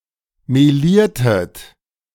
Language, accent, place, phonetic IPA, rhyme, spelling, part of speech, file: German, Germany, Berlin, [meˈliːɐ̯tət], -iːɐ̯tət, meliertet, verb, De-meliertet.ogg
- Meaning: inflection of melieren: 1. second-person plural preterite 2. second-person plural subjunctive II